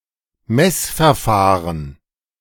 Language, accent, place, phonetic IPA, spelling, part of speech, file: German, Germany, Berlin, [ˈmɛsfɛɐ̯ˌfaːʁən], Messverfahren, noun, De-Messverfahren.ogg
- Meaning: measurement method / process